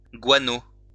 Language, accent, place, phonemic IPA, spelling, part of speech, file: French, France, Lyon, /ɡwa.no/, guano, noun, LL-Q150 (fra)-guano.wav
- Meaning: guano